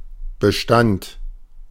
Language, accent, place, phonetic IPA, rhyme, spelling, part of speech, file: German, Germany, Berlin, [bəˈʃtant], -ant, bestand, verb, De-bestand.ogg
- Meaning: first/third-person singular preterite of bestehen